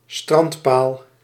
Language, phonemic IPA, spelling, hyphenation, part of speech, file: Dutch, /ˈstrɑnt.paːl/, strandpaal, strand‧paal, noun, Nl-strandpaal.ogg
- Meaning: a beach pole; a pole on a beach used to mark distance or as a small landmark